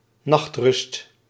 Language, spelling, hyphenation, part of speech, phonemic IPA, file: Dutch, nachtrust, nacht‧rust, noun, /ˈnɑxt.rʏst/, Nl-nachtrust.ogg
- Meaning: night's rest, nightly rest; sleep